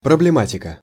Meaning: range of problems, agenda, subject matter
- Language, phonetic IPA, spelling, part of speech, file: Russian, [prəblʲɪˈmatʲɪkə], проблематика, noun, Ru-проблематика.ogg